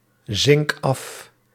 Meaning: inflection of afzinken: 1. first-person singular present indicative 2. second-person singular present indicative 3. imperative
- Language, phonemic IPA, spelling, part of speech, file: Dutch, /ˈzɪŋk ˈɑf/, zink af, verb, Nl-zink af.ogg